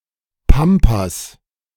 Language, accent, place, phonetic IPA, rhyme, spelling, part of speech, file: German, Germany, Berlin, [ˈpampas], -ampas, Pampas, noun, De-Pampas.ogg
- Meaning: 1. plural of Pampa 2. pampas, pampa 3. back of beyond; a remote place